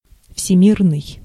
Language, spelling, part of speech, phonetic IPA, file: Russian, всемирный, adjective, [fsʲɪˈmʲirnɨj], Ru-всемирный.ogg
- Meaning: global, world-wide, universal